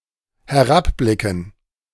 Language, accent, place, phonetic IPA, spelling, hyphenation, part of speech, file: German, Germany, Berlin, [hɛˈʁapˌblɪkn̩], herabblicken, he‧r‧ab‧bli‧cken, verb, De-herabblicken.ogg
- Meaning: 1. to look downwards 2. to look down (feel superior to)